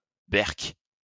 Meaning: alternative form of beurk: yuck!
- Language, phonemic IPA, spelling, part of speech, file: French, /bɛʁk/, berk, interjection, LL-Q150 (fra)-berk.wav